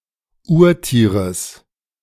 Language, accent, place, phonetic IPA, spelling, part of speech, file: German, Germany, Berlin, [ˈuːɐ̯ˌtiːʁəs], Urtieres, noun, De-Urtieres.ogg
- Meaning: genitive singular of Urtier